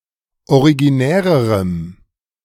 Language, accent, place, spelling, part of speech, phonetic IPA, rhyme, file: German, Germany, Berlin, originärerem, adjective, [oʁiɡiˈnɛːʁəʁəm], -ɛːʁəʁəm, De-originärerem.ogg
- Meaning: strong dative masculine/neuter singular comparative degree of originär